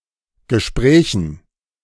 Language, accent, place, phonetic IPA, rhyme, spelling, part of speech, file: German, Germany, Berlin, [ɡəˈʃpʁɛːçn̩], -ɛːçn̩, Gesprächen, noun, De-Gesprächen.ogg
- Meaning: dative plural of Gespräch